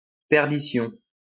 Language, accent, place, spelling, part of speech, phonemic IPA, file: French, France, Lyon, perdition, noun, /pɛʁ.di.sjɔ̃/, LL-Q150 (fra)-perdition.wav
- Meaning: perdition